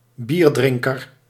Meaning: beer drinker, one who drinks beer
- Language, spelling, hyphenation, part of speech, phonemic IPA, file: Dutch, bierdrinker, bier‧drin‧ker, noun, /ˈbirˌdrɪŋ.kər/, Nl-bierdrinker.ogg